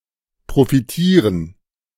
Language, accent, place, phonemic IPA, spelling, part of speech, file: German, Germany, Berlin, /pʁofiˈtiːʁən/, profitieren, verb, De-profitieren.ogg
- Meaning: 1. to benefit 2. to profit